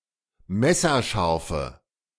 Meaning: inflection of messerscharf: 1. strong/mixed nominative/accusative feminine singular 2. strong nominative/accusative plural 3. weak nominative all-gender singular
- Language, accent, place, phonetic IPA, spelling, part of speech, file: German, Germany, Berlin, [ˈmɛsɐˌʃaʁfə], messerscharfe, adjective, De-messerscharfe.ogg